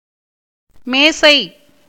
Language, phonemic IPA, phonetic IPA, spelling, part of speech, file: Tamil, /meːtʃɐɪ̯/, [meːsɐɪ̯], மேசை, noun, Ta-மேசை.ogg
- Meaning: table